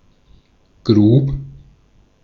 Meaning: singular preterite of graben
- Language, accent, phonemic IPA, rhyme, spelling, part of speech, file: German, Austria, /ɡʁuːp/, -uːp, grub, verb, De-at-grub.ogg